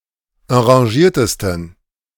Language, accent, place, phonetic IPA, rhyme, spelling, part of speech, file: German, Germany, Berlin, [ɑ̃ʁaˈʒiːɐ̯təstn̩], -iːɐ̯təstn̩, enragiertesten, adjective, De-enragiertesten.ogg
- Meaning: 1. superlative degree of enragiert 2. inflection of enragiert: strong genitive masculine/neuter singular superlative degree